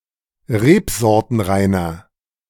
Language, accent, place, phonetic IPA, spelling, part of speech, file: German, Germany, Berlin, [ˈʁeːpzɔʁtənˌʁaɪ̯nɐ], rebsortenreiner, adjective, De-rebsortenreiner.ogg
- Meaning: inflection of rebsortenrein: 1. strong/mixed nominative masculine singular 2. strong genitive/dative feminine singular 3. strong genitive plural